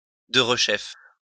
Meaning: 1. once more, anew 2. immediately
- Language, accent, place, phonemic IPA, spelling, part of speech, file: French, France, Lyon, /də.ʁ(ə).ʃɛf/, derechef, adverb, LL-Q150 (fra)-derechef.wav